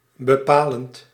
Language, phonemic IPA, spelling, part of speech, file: Dutch, /bəˈpalənt/, bepalend, adjective / verb, Nl-bepalend.ogg
- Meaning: present participle of bepalen